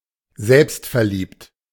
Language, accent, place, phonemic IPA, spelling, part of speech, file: German, Germany, Berlin, /ˈzɛlpstfɛɐ̯ˌliːpt/, selbstverliebt, adjective, De-selbstverliebt.ogg
- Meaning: narcissistic